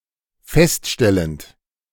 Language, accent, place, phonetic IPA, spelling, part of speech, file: German, Germany, Berlin, [ˈfɛstˌʃtɛlənt], feststellend, verb, De-feststellend.ogg
- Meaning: present participle of feststellen